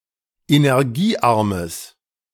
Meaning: strong/mixed nominative/accusative neuter singular of energiearm
- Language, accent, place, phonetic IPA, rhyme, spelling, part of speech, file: German, Germany, Berlin, [enɛʁˈɡiːˌʔaʁməs], -iːʔaʁməs, energiearmes, adjective, De-energiearmes.ogg